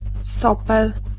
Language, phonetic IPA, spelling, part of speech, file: Polish, [ˈsɔpɛl], sopel, noun, Pl-sopel.ogg